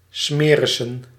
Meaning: plural of smeris
- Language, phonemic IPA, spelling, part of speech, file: Dutch, /ˈsmerɪsə(n)/, smerissen, noun, Nl-smerissen.ogg